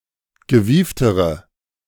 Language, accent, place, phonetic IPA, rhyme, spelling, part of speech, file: German, Germany, Berlin, [ɡəˈviːftəʁə], -iːftəʁə, gewieftere, adjective, De-gewieftere.ogg
- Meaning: inflection of gewieft: 1. strong/mixed nominative/accusative feminine singular comparative degree 2. strong nominative/accusative plural comparative degree